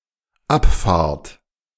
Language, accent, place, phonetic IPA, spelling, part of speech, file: German, Germany, Berlin, [ˈapˌfaːɐ̯t], abfahrt, verb, De-abfahrt.ogg
- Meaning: second-person plural dependent present of abfahren